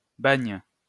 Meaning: penal colony; prison where prisoners are forced to labour
- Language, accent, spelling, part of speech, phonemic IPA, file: French, France, bagne, noun, /baɲ/, LL-Q150 (fra)-bagne.wav